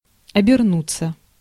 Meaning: 1. to wrap oneself (with, in) 2. to turn one's head, to turn around 3. to turn, to change 4. to manage, to get by; to wangle 5. to (go and) come back; (finance) to make a full circle
- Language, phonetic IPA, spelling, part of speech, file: Russian, [ɐbʲɪrˈnut͡sːə], обернуться, verb, Ru-обернуться.ogg